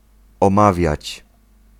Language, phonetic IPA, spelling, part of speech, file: Polish, [ɔ̃ˈmavʲjät͡ɕ], omawiać, verb, Pl-omawiać.ogg